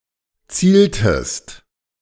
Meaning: inflection of zielen: 1. second-person singular preterite 2. second-person singular subjunctive II
- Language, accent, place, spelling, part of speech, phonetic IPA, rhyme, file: German, Germany, Berlin, zieltest, verb, [ˈt͡siːltəst], -iːltəst, De-zieltest.ogg